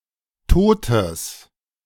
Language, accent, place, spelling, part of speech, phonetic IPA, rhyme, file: German, Germany, Berlin, totes, adjective, [ˈtoːtəs], -oːtəs, De-totes.ogg
- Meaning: strong/mixed nominative/accusative neuter singular of tot